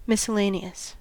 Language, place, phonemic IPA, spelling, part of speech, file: English, California, /ˌmɪsəˈleɪniəs/, miscellaneous, adjective, En-us-miscellaneous.ogg
- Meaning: 1. Consisting of a variety of ingredients or parts 2. Having diverse characteristics, abilities or appearances 3. Not in any other category